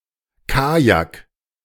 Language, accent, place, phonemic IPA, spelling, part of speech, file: German, Germany, Berlin, /ˈkaːjak/, Kajak, noun, De-Kajak.ogg
- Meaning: kayak (kind of narrow boat)